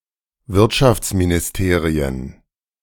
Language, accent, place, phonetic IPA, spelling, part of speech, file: German, Germany, Berlin, [ˈvɪʁtʃaft͡sminɪsˌteːʁiən], Wirtschaftsministerien, noun, De-Wirtschaftsministerien.ogg
- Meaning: plural of Wirtschaftsministerium